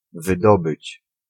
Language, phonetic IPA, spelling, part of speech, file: Polish, [vɨˈdɔbɨt͡ɕ], wydobyć, verb, Pl-wydobyć.ogg